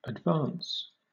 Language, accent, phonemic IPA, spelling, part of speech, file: English, Southern England, /ədˈvɑːns/, advance, verb / noun / adjective, LL-Q1860 (eng)-advance.wav
- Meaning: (verb) To promote or advantage.: 1. To help the progress of (something); to further 2. To raise (someone) in rank or office; to prefer, to promote